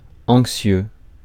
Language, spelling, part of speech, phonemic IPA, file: French, anxieux, adjective, /ɑ̃k.sjø/, Fr-anxieux.ogg
- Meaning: 1. anxious 2. apprehensive